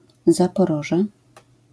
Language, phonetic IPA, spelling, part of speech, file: Polish, [ˌzapɔˈrɔʒɛ], Zaporoże, proper noun, LL-Q809 (pol)-Zaporoże.wav